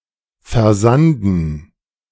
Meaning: 1. to become filled with sand 2. to peter out
- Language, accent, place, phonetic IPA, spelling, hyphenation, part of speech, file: German, Germany, Berlin, [fɛɐ̯ˈzandn̩], versanden, ver‧san‧den, verb, De-versanden.ogg